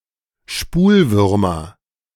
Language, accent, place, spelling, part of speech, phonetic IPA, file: German, Germany, Berlin, Spulwürmer, noun, [ˈʃpuːlˌvʏʁmɐ], De-Spulwürmer.ogg
- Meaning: nominative/accusative/genitive plural of Spulwurm